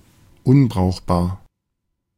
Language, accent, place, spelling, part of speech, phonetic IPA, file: German, Germany, Berlin, unbrauchbar, adjective, [ˈʊnbʁaʊ̯xˌbaːɐ̯], De-unbrauchbar.ogg
- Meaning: 1. useless 2. unusable; unsuitable